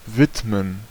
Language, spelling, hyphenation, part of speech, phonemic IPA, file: German, widmen, wid‧men, verb, /ˈvɪtmən/, De-widmen.ogg
- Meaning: 1. to dedicate, to devote 2. to attend